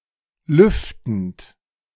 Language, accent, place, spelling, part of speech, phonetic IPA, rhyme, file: German, Germany, Berlin, lüftend, verb, [ˈlʏftn̩t], -ʏftn̩t, De-lüftend.ogg
- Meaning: present participle of lüften